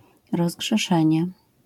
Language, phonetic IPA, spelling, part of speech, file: Polish, [ˌrɔzɡʒɛˈʃɛ̃ɲɛ], rozgrzeszenie, noun, LL-Q809 (pol)-rozgrzeszenie.wav